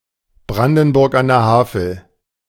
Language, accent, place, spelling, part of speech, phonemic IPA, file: German, Germany, Berlin, Brandenburg an der Havel, proper noun, /ˈbʁandn̩ˌbʊʁk an deːɐ̯ ˈhaːfl̩/, De-Brandenburg an der Havel.ogg
- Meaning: an independent town in Brandenburg